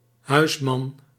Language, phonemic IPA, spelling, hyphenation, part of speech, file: Dutch, /ˈhœysmɑn/, huisman, huis‧man, noun, Nl-huisman.ogg
- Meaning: 1. a free commoner 2. a pater familias 3. a male homemaker; a househusband